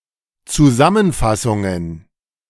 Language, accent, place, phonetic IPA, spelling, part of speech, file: German, Germany, Berlin, [t͡suˈzamənˌfasʊŋən], Zusammenfassungen, noun, De-Zusammenfassungen.ogg
- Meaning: plural of Zusammenfassung